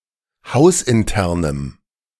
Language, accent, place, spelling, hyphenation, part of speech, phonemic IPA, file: German, Germany, Berlin, hausinternem, haus‧in‧ter‧nem, adjective, /ˈhaʊ̯sʔɪnˌtɛʁnəm/, De-hausinternem.ogg
- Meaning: strong dative masculine/neuter singular of hausintern